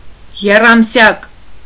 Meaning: trimester
- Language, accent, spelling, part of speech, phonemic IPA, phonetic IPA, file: Armenian, Eastern Armenian, եռամսյակ, noun, /jerɑmˈsjɑk/, [jerɑmsjɑ́k], Hy-եռամսյակ.ogg